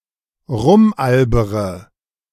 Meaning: inflection of rumalbern: 1. first-person singular present 2. first-person plural subjunctive I 3. third-person singular subjunctive I 4. singular imperative
- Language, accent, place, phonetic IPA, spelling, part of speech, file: German, Germany, Berlin, [ˈʁʊmˌʔalbəʁə], rumalbere, verb, De-rumalbere.ogg